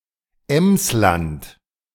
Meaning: 1. A region on the Ems River in western Lower Saxony and northern North Rhine-Westphalia, Germany 2. a rural district of Lower Saxony; seat: Meppen
- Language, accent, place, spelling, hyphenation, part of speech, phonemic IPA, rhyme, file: German, Germany, Berlin, Emsland, Ems‧land, proper noun, /ˈɛmslant/, -ant, De-Emsland.ogg